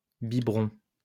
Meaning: plural of biberon
- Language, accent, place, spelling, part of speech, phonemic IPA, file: French, France, Lyon, biberons, noun, /bi.bʁɔ̃/, LL-Q150 (fra)-biberons.wav